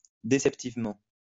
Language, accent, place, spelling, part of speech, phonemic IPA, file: French, France, Lyon, déceptivement, adverb, /de.sɛp.tiv.mɑ̃/, LL-Q150 (fra)-déceptivement.wav
- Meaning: deceptively